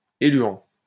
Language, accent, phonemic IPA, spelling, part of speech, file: French, France, /e.lɥɑ̃/, éluant, verb / noun, LL-Q150 (fra)-éluant.wav
- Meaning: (verb) present participle of éluer; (noun) eluant